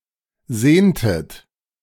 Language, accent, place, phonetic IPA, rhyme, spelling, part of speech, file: German, Germany, Berlin, [ˈzeːntət], -eːntət, sehntet, verb, De-sehntet.ogg
- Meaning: inflection of sehnen: 1. second-person plural preterite 2. second-person plural subjunctive II